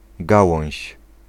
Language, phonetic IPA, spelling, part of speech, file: Polish, [ˈɡawɔ̃w̃ɕ], gałąź, noun, Pl-gałąź.ogg